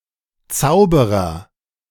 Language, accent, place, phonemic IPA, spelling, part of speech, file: German, Germany, Berlin, /ˈt͡saʊ̯bəʁɐ/, Zauberer, noun, De-Zauberer.ogg
- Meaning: agent noun of zaubern: (male) magician, wizard, warlock, sorcerer